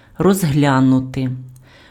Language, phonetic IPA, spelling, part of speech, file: Ukrainian, [rɔzˈɦlʲanʊte], розглянути, verb, Uk-розглянути.ogg
- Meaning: to examine, to look at, to look into, to consider, to review, to scrutinize